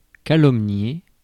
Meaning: to slander, libel, besmirch, calumniate
- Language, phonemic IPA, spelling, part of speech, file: French, /ka.lɔm.nje/, calomnier, verb, Fr-calomnier.ogg